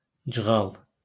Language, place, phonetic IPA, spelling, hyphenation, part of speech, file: Azerbaijani, Baku, [d͡ʒɯˈɣɑɫ], cığal, cı‧ğal, noun, LL-Q9292 (aze)-cığal.wav
- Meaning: cheater, cheat, rook, one who cheats in card or board games (especially one who insists that s/he didn't cheat)